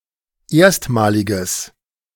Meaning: strong/mixed nominative/accusative neuter singular of erstmalig
- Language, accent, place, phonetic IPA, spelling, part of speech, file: German, Germany, Berlin, [ˈeːɐ̯stmaːlɪɡəs], erstmaliges, adjective, De-erstmaliges.ogg